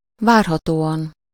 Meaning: expectedly
- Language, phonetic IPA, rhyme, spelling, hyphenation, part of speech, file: Hungarian, [ˈvaːrɦɒtoːɒn], -ɒn, várhatóan, vár‧ha‧tó‧an, adverb, Hu-várhatóan.ogg